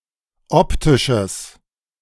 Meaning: strong/mixed nominative/accusative neuter singular of optisch
- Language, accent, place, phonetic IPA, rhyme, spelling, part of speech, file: German, Germany, Berlin, [ˈɔptɪʃəs], -ɔptɪʃəs, optisches, adjective, De-optisches.ogg